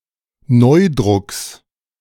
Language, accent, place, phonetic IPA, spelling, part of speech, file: German, Germany, Berlin, [ˈnɔɪ̯dʁʊks], Neudrucks, noun, De-Neudrucks.ogg
- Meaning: genitive singular of Neudruck